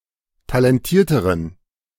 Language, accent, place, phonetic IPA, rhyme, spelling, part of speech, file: German, Germany, Berlin, [talɛnˈtiːɐ̯təʁən], -iːɐ̯təʁən, talentierteren, adjective, De-talentierteren.ogg
- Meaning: inflection of talentiert: 1. strong genitive masculine/neuter singular comparative degree 2. weak/mixed genitive/dative all-gender singular comparative degree